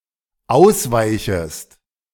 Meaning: second-person singular dependent subjunctive I of ausweichen
- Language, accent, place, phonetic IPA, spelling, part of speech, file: German, Germany, Berlin, [ˈaʊ̯sˌvaɪ̯çəst], ausweichest, verb, De-ausweichest.ogg